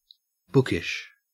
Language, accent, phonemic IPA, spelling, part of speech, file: English, Australia, /ˈbʊkəʃ/, bookish, adjective, En-au-bookish.ogg
- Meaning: 1. Fond of reading or studying, especially said of someone lacking social skills as a result 2. Characterized by a method of expression generally found in books